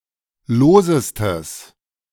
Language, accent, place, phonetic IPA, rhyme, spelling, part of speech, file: German, Germany, Berlin, [ˈloːzəstəs], -oːzəstəs, losestes, adjective, De-losestes.ogg
- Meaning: strong/mixed nominative/accusative neuter singular superlative degree of lose